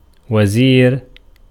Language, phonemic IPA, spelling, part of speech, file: Arabic, /wa.ziːr/, وزير, noun, Ar-وزير.ogg
- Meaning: 1. minister, cabinet minister 2. vizier 3. helper, assistant 4. queen